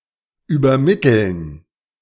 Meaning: to transmit, to convey, to relay, to deliver
- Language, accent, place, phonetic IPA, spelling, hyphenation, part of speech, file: German, Germany, Berlin, [yːbɐˈmɪtl̩n], übermitteln, über‧mit‧teln, verb, De-übermitteln.ogg